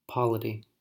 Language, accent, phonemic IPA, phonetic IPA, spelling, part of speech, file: English, US, /ˈpɑ.lə.ti/, [ˈpɑ.lə.ɾi], polity, noun, En-us-polity.ogg
- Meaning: Organizational structure and governance, especially of a state or a religion